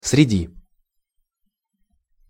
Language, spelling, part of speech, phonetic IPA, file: Russian, среди, preposition, [srʲɪˈdʲi], Ru-среди.ogg
- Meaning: among, in the midst of